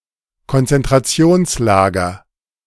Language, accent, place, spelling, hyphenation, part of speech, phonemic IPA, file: German, Germany, Berlin, Konzentrationslager, Kon‧zen‧t‧ra‧ti‧ons‧la‧ger, noun, /ˌkɔn.tsɛn.tʁaˈtsi̯oːn(t)sˌlaːɡɐ/, De-Konzentrationslager.ogg
- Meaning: concentration camp